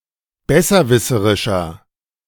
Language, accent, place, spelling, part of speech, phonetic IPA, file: German, Germany, Berlin, besserwisserischer, adjective, [ˈbɛsɐˌvɪsəʁɪʃɐ], De-besserwisserischer.ogg
- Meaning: 1. comparative degree of besserwisserisch 2. inflection of besserwisserisch: strong/mixed nominative masculine singular 3. inflection of besserwisserisch: strong genitive/dative feminine singular